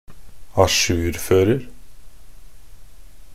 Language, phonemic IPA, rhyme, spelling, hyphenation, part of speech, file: Norwegian Bokmål, /aˈʃʉːrføːrər/, -ər, ajourfører, a‧jour‧før‧er, verb, Nb-ajourfører.ogg
- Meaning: present tense of ajourføre